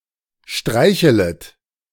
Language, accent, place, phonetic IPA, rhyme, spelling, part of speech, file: German, Germany, Berlin, [ˈʃtʁaɪ̯çələt], -aɪ̯çələt, streichelet, verb, De-streichelet.ogg
- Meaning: second-person plural subjunctive I of streicheln